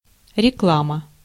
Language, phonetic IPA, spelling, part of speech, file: Russian, [rʲɪˈkɫamə], реклама, noun, Ru-реклама.ogg
- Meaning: 1. advertising, publicity 2. advertisement, ad, commercial (advertisement in a common media format)